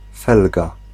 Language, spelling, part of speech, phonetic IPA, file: Polish, felga, noun, [ˈfɛlɡa], Pl-felga.ogg